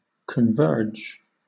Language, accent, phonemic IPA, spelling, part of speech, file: English, Southern England, /kənˈvɜːd͡ʒ/, converge, verb, LL-Q1860 (eng)-converge.wav
- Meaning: (said of two or more entities) To approach each other; to get closer and closer; to become a unified whole; to come to share a similarity